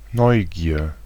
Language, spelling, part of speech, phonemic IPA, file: German, Neugier, noun, /ˈnɔʏ̯ˌɡiːɐ̯/, De-Neugier.ogg
- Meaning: curiosity